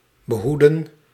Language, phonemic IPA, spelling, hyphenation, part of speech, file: Dutch, /bəˈɦudə(n)/, behoeden, be‧hoe‧den, verb, Nl-behoeden.ogg
- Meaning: 1. to protect, watch over 2. to preserve